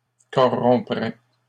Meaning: third-person plural conditional of corrompre
- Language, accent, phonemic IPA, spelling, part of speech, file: French, Canada, /kɔ.ʁɔ̃.pʁɛ/, corrompraient, verb, LL-Q150 (fra)-corrompraient.wav